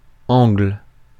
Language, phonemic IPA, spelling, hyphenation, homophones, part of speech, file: French, /ɑ̃ɡl/, angle, angle, Angle, noun, Fr-angle.ogg
- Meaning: 1. a geometric angle 2. a location at the corner of something, such as streets, buildings, furniture etc 3. a viewpoint or angle